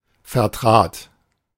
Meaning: first/third-person singular preterite of vertreten
- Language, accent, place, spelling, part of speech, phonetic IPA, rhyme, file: German, Germany, Berlin, vertrat, verb, [fɛɐ̯ˈtʁaːt], -aːt, De-vertrat.ogg